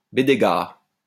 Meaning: bedeguar
- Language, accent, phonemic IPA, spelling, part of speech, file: French, France, /be.de.ɡaʁ/, bédégar, noun, LL-Q150 (fra)-bédégar.wav